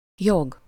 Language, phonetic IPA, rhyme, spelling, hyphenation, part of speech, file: Hungarian, [ˈjoɡ], -oɡ, jog, jog, noun, Hu-jog.ogg
- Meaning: right (as a legal, just or moral entitlement)